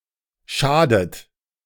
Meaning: inflection of schaden: 1. third-person singular present 2. second-person plural present 3. plural imperative 4. second-person plural subjunctive I
- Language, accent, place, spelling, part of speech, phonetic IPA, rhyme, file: German, Germany, Berlin, schadet, verb, [ˈʃaːdət], -aːdət, De-schadet.ogg